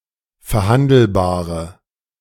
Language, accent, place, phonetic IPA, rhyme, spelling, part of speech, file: German, Germany, Berlin, [fɛɐ̯ˈhandl̩baːʁə], -andl̩baːʁə, verhandelbare, adjective, De-verhandelbare.ogg
- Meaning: inflection of verhandelbar: 1. strong/mixed nominative/accusative feminine singular 2. strong nominative/accusative plural 3. weak nominative all-gender singular